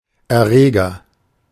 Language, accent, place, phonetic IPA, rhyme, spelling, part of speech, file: German, Germany, Berlin, [ɛɐ̯ˈʁeːɡɐ], -eːɡɐ, Erreger, noun, De-Erreger.ogg
- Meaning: pathogen, agent, germ